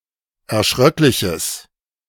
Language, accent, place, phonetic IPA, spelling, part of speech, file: German, Germany, Berlin, [ɛɐ̯ˈʃʁœklɪçəs], erschröckliches, adjective, De-erschröckliches.ogg
- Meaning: strong/mixed nominative/accusative neuter singular of erschröcklich